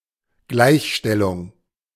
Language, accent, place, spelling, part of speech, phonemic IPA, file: German, Germany, Berlin, Gleichstellung, noun, /ˈɡlaɪ̯çˌʃtɛlʊŋ/, De-Gleichstellung.ogg
- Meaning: equalization (the act of declaring or changing things to be equal in some respect; particularly equality in politics, i.e. equal rights)